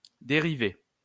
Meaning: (noun) 1. a derivation of any sort 2. a derived term, derivative; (verb) past participle of dériver
- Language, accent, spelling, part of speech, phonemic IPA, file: French, France, dérivé, noun / verb, /de.ʁi.ve/, LL-Q150 (fra)-dérivé.wav